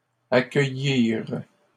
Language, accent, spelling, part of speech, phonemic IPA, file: French, Canada, accueillirent, verb, /a.kœ.jiʁ/, LL-Q150 (fra)-accueillirent.wav
- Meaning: third-person plural past historic of accueillir